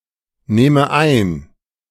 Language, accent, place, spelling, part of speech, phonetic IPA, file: German, Germany, Berlin, nehme ein, verb, [ˌneːmə ˈaɪ̯n], De-nehme ein.ogg
- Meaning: inflection of einnehmen: 1. first-person singular present 2. first/third-person singular subjunctive I